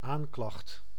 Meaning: indictment, charge against a crime
- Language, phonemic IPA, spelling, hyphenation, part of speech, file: Dutch, /ˈaːŋ.klɑxt/, aanklacht, aan‧klacht, noun, Nl-aanklacht.ogg